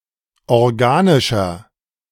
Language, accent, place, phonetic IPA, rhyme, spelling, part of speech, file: German, Germany, Berlin, [ɔʁˈɡaːnɪʃɐ], -aːnɪʃɐ, organischer, adjective, De-organischer.ogg
- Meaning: inflection of organisch: 1. strong/mixed nominative masculine singular 2. strong genitive/dative feminine singular 3. strong genitive plural